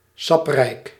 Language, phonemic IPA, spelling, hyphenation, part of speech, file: Dutch, /ˈsɑp.rɛi̯k/, saprijk, sap‧rijk, adjective, Nl-saprijk.ogg
- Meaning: juicy, succulent